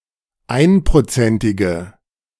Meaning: inflection of einprozentig: 1. strong/mixed nominative/accusative feminine singular 2. strong nominative/accusative plural 3. weak nominative all-gender singular
- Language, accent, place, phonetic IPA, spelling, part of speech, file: German, Germany, Berlin, [ˈaɪ̯npʁoˌt͡sɛntɪɡə], einprozentige, adjective, De-einprozentige.ogg